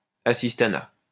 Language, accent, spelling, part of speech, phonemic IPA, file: French, France, assistanat, noun, /a.sis.ta.na/, LL-Q150 (fra)-assistanat.wav
- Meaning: 1. assistantship 2. charity, welfare